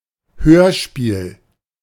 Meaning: radio drama, radio play
- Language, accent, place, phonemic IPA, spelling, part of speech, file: German, Germany, Berlin, /ˈhøːɐ̯ˌ̯ʃpiːl/, Hörspiel, noun, De-Hörspiel.ogg